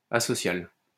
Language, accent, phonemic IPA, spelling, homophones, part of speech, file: French, France, /a.sɔ.sjal/, asocial, asociale / asociales, adjective, LL-Q150 (fra)-asocial.wav
- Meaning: asocial